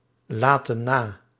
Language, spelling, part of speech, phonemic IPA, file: Dutch, laten na, verb, /ˈlatə(n) ˈna/, Nl-laten na.ogg
- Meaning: inflection of nalaten: 1. plural present indicative 2. plural present subjunctive